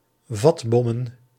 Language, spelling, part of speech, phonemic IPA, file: Dutch, vatbommen, noun, /ˈvɑdbɔmə(n)/, Nl-vatbommen.ogg
- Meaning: plural of vatbom